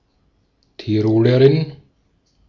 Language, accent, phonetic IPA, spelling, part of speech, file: German, Austria, [tiˈʁoːləʁɪn], Tirolerin, noun, De-at-Tirolerin.ogg
- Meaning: female equivalent of Tiroler: female Tyrolean (a female person from Tyrol)